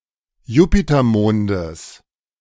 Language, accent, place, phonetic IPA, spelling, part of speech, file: German, Germany, Berlin, [ˈjuːpitɐˌmoːndəs], Jupitermondes, noun, De-Jupitermondes.ogg
- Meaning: genitive singular of Jupitermond